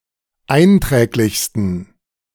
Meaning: 1. superlative degree of einträglich 2. inflection of einträglich: strong genitive masculine/neuter singular superlative degree
- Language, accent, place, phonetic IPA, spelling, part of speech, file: German, Germany, Berlin, [ˈaɪ̯nˌtʁɛːklɪçstn̩], einträglichsten, adjective, De-einträglichsten.ogg